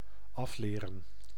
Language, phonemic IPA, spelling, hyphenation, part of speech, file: Dutch, /ˈɑfleːrə(n)/, afleren, af‧le‧ren, verb, Nl-afleren.ogg
- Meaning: 1. to unlearn 2. to correct (often a bad habit)